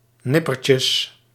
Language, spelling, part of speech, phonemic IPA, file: Dutch, nippertjes, noun, /ˈnɪpərcəs/, Nl-nippertjes.ogg
- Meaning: plural of nippertje